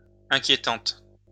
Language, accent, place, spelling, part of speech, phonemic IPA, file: French, France, Lyon, inquiétante, adjective, /ɛ̃.kje.tɑ̃t/, LL-Q150 (fra)-inquiétante.wav
- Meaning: feminine singular of inquiétant